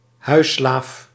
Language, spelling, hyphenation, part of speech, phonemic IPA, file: Dutch, huisslaaf, huis‧slaaf, noun, /ˈɦœy̯.slaːf/, Nl-huisslaaf.ogg
- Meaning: a house slave